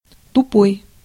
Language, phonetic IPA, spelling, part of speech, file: Russian, [tʊˈpoj], тупой, adjective, Ru-тупой.ogg
- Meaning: 1. dull, blunt 2. obtuse 3. dull, stupid 4. apathetic